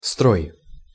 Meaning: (noun) 1. system, structure 2. tuning 3. row, line (of books, bottles, etc. arranged in sequence) 4. rank, row (of soldiers, tanks, etc.) 5. formation (of soldiers, tanks, etc.)
- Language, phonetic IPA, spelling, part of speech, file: Russian, [stroj], строй, noun / verb, Ru-строй.ogg